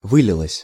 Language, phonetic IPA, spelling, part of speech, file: Russian, [ˈvɨlʲɪɫəsʲ], вылилось, verb, Ru-вылилось.ogg
- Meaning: neuter singular past indicative perfective of вы́литься (výlitʹsja)